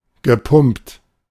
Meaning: past participle of pumpen
- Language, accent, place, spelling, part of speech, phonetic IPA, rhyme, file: German, Germany, Berlin, gepumpt, verb, [ɡəˈpʊmpt], -ʊmpt, De-gepumpt.ogg